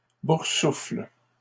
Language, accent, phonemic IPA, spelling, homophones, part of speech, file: French, Canada, /buʁ.sufl/, boursoufle, boursouflent / boursoufles, verb, LL-Q150 (fra)-boursoufle.wav
- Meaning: inflection of boursoufler: 1. first/third-person singular present indicative/subjunctive 2. second-person singular imperative